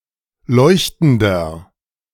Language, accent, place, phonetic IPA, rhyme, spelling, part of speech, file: German, Germany, Berlin, [ˈlɔɪ̯çtn̩dɐ], -ɔɪ̯çtn̩dɐ, leuchtender, adjective, De-leuchtender.ogg
- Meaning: 1. comparative degree of leuchtend 2. inflection of leuchtend: strong/mixed nominative masculine singular 3. inflection of leuchtend: strong genitive/dative feminine singular